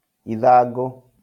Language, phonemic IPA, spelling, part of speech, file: Kikuyu, /ìðàᵑɡǒ/, ithangũ, noun, LL-Q33587 (kik)-ithangũ.wav
- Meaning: leaf